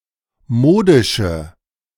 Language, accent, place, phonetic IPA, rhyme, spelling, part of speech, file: German, Germany, Berlin, [ˈmoːdɪʃə], -oːdɪʃə, modische, adjective, De-modische.ogg
- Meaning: inflection of modisch: 1. strong/mixed nominative/accusative feminine singular 2. strong nominative/accusative plural 3. weak nominative all-gender singular 4. weak accusative feminine/neuter singular